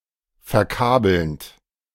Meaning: present participle of verkabeln
- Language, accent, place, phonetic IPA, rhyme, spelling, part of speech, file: German, Germany, Berlin, [fɛɐ̯ˈkaːbl̩nt], -aːbl̩nt, verkabelnd, verb, De-verkabelnd.ogg